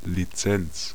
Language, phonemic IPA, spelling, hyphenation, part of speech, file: German, /liˈtsɛn(t)s/, Lizenz, Li‧zenz, noun, De-Lizenz.ogg
- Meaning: license